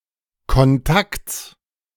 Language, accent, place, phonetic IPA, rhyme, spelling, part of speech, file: German, Germany, Berlin, [kɔnˈtakt͡s], -akt͡s, Kontakts, noun, De-Kontakts.ogg
- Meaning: genitive singular of Kontakt